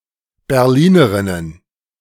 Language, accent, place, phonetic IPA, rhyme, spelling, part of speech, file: German, Germany, Berlin, [bɛʁˈliːnəʁɪnən], -iːnəʁɪnən, Berlinerinnen, noun, De-Berlinerinnen.ogg
- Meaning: plural of Berlinerin